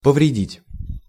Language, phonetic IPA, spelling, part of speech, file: Russian, [pəvrʲɪˈdʲitʲ], повредить, verb, Ru-повредить.ogg
- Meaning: to injure, to harm, to hurt, to damage, to cause damage